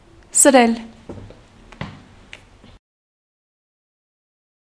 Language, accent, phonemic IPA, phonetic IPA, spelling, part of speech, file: Armenian, Eastern Armenian, /səˈɾel/, [səɾél], սրել, verb, Hy-սրել.ogg
- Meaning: 1. to sharpen 2. to intensify, heighten, sharpen; to bring to a head 3. to worsen, aggravate, exacerbate 4. to call a surcoinche (see քուանշ (kʻuanš))